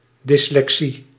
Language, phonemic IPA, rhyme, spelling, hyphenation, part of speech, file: Dutch, /ˌdɪs.lɛkˈsi/, -i, dyslexie, dys‧le‧xie, noun, Nl-dyslexie.ogg
- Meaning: dyslexia (a syndrome, causing inability of reading)